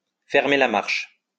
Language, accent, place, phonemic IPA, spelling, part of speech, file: French, France, Lyon, /fɛʁ.me la maʁʃ/, fermer la marche, verb, LL-Q150 (fra)-fermer la marche.wav
- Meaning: to bring up the rear